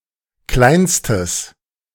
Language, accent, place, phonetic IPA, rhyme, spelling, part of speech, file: German, Germany, Berlin, [ˈklaɪ̯nstəs], -aɪ̯nstəs, kleinstes, adjective, De-kleinstes.ogg
- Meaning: strong/mixed nominative/accusative neuter singular superlative degree of klein